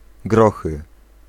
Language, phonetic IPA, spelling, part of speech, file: Polish, [ˈɡrɔxɨ], grochy, noun, Pl-grochy.ogg